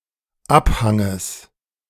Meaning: genitive singular of Abhang
- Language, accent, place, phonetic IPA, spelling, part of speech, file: German, Germany, Berlin, [ˈapˌhaŋəs], Abhanges, noun, De-Abhanges.ogg